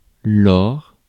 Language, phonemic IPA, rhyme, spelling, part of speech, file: French, /lɔʁ/, -ɔʁ, lors, adverb, Fr-lors.ogg
- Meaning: then, at that time